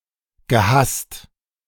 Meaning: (verb) past participle of hassen; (adjective) hated
- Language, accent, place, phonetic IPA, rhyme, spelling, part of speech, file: German, Germany, Berlin, [ɡəˈhast], -ast, gehasst, verb, De-gehasst.ogg